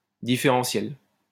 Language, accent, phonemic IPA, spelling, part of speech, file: French, France, /di.fe.ʁɑ̃.sjɛl/, différentielle, noun / adjective, LL-Q150 (fra)-différentielle.wav
- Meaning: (noun) differential; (adjective) feminine singular of différentiel